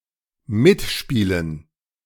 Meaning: 1. to cooperate 2. to play along 3. to feature (in a film)
- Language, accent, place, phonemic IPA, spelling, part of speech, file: German, Germany, Berlin, /ˈmɪtˌʃpiːlən/, mitspielen, verb, De-mitspielen.ogg